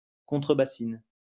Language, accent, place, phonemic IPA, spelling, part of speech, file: French, France, Lyon, /kɔ̃.tʁə.ba.sin/, contrebassine, noun, LL-Q150 (fra)-contrebassine.wav
- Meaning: 1. washtub bass 2. gutbucket